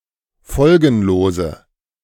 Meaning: inflection of folgenlos: 1. strong/mixed nominative/accusative feminine singular 2. strong nominative/accusative plural 3. weak nominative all-gender singular
- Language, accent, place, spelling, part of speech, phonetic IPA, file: German, Germany, Berlin, folgenlose, adjective, [ˈfɔlɡn̩loːzə], De-folgenlose.ogg